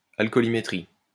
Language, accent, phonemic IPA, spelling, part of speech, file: French, France, /al.kɔ.li.me.tʁi/, alcoolimétrie, noun, LL-Q150 (fra)-alcoolimétrie.wav
- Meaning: alcoholometry